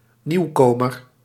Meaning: newcomer
- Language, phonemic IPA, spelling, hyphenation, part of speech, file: Dutch, /ˈniu̯koːmər/, nieuwkomer, nieuw‧ko‧mer, noun, Nl-nieuwkomer.ogg